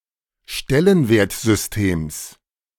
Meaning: genitive singular of Stellenwertsystem
- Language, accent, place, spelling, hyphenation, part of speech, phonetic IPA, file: German, Germany, Berlin, Stellenwertsystems, Stel‧len‧wert‧sys‧tems, noun, [ˈʃtɛlənveːɐ̯t.zʏsˌteːms], De-Stellenwertsystems.ogg